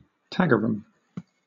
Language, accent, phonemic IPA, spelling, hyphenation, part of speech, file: English, Southern England, /ˈtaɡəɹəm/, taghairm, ta‧ghai‧rm, noun, LL-Q1860 (eng)-taghairm.wav